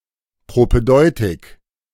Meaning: propaedeutic (introductory course)
- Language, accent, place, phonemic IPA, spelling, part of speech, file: German, Germany, Berlin, /pʁopɛˈdɔɪ̯tɪk/, Propädeutik, noun, De-Propädeutik.ogg